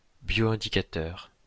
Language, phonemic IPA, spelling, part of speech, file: French, /bjo.ɛ̃.di.ka.tœʁ/, bioindicateur, noun / adjective, LL-Q150 (fra)-bioindicateur.wav
- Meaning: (noun) bioindicator; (adjective) bioindicating